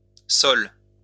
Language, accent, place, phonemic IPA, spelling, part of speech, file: French, France, Lyon, /sɔl/, soles, noun, LL-Q150 (fra)-soles.wav
- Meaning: plural of sole